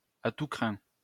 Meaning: dyed-in-the-wool; all-out, thoroughgoing
- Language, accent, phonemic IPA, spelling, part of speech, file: French, France, /a tu kʁɛ̃/, à tous crins, adjective, LL-Q150 (fra)-à tous crins.wav